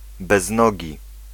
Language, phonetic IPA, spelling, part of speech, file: Polish, [bɛzˈnɔɟi], beznogi, adjective, Pl-beznogi.ogg